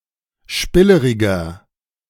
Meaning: 1. comparative degree of spillerig 2. inflection of spillerig: strong/mixed nominative masculine singular 3. inflection of spillerig: strong genitive/dative feminine singular
- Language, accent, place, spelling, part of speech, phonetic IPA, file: German, Germany, Berlin, spilleriger, adjective, [ˈʃpɪləʁɪɡɐ], De-spilleriger.ogg